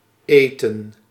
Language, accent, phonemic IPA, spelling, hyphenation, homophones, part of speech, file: Dutch, Netherlands, /ˈeː.tə(n)/, eten, eten, Eethen, verb / noun, Nl-eten.ogg
- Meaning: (verb) to eat; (noun) 1. food 2. dinner